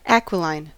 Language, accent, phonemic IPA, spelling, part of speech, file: English, US, /ˈæk.wɪˌlaɪn/, aquiline, adjective, En-us-aquiline.ogg
- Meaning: Of, pertaining to, or characteristic of eagles; resembling that of an eagle